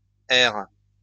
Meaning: second-person singular present indicative/subjunctive of errer
- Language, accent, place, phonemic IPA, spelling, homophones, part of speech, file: French, France, Lyon, /ɛʁ/, erres, erre / errent, verb, LL-Q150 (fra)-erres.wav